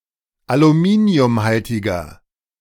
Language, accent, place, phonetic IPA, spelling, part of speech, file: German, Germany, Berlin, [aluˈmiːni̯ʊmˌhaltɪɡɐ], aluminiumhaltiger, adjective, De-aluminiumhaltiger.ogg
- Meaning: inflection of aluminiumhaltig: 1. strong/mixed nominative masculine singular 2. strong genitive/dative feminine singular 3. strong genitive plural